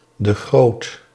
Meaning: a surname
- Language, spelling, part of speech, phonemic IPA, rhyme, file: Dutch, de Groot, proper noun, /də ˈɣroːt/, -oːt, Nl-de Groot.ogg